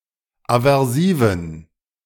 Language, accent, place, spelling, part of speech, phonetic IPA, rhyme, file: German, Germany, Berlin, aversiven, adjective, [avɛʁˈsiːvn̩], -iːvn̩, De-aversiven.ogg
- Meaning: inflection of aversiv: 1. strong genitive masculine/neuter singular 2. weak/mixed genitive/dative all-gender singular 3. strong/weak/mixed accusative masculine singular 4. strong dative plural